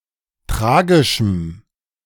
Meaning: strong dative masculine/neuter singular of tragisch
- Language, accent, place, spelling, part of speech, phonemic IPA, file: German, Germany, Berlin, tragischem, adjective, /ˈtʁaːɡɪʃəm/, De-tragischem.ogg